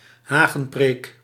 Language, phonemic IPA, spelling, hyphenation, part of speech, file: Dutch, /ˈɦaː.ɣə(n)ˌpreːk/, hagenpreek, ha‧gen‧preek, noun, Nl-hagenpreek.ogg
- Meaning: hedge sermon